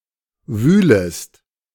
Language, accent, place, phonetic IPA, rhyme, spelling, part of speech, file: German, Germany, Berlin, [ˈvyːləst], -yːləst, wühlest, verb, De-wühlest.ogg
- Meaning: second-person singular subjunctive I of wühlen